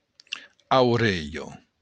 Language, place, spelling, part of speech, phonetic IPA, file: Occitan, Béarn, aurelha, noun, [awˈɾeʎo], LL-Q14185 (oci)-aurelha.wav
- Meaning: ear